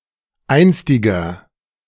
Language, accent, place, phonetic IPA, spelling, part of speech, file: German, Germany, Berlin, [ˈaɪ̯nstɪɡɐ], einstiger, adjective, De-einstiger.ogg
- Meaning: inflection of einstig: 1. strong/mixed nominative masculine singular 2. strong genitive/dative feminine singular 3. strong genitive plural